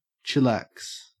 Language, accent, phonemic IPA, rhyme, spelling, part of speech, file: English, Australia, /t͡ʃɪˈlæks/, -æks, chillax, verb, En-au-chillax.ogg
- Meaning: 1. To relax; to be laid back 2. To calm down 3. To behave